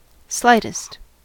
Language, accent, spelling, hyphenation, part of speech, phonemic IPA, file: English, US, slightest, slight‧est, adjective / verb, /ˈslaɪtɪst/, En-us-slightest.ogg
- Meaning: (adjective) superlative form of slight: most slight; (verb) second-person singular simple present indicative of slight